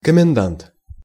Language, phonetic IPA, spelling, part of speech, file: Russian, [kəmʲɪnˈdant], комендант, noun, Ru-комендант.ogg
- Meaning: 1. commandant (of a fortress or town) 2. superintendent (of a building)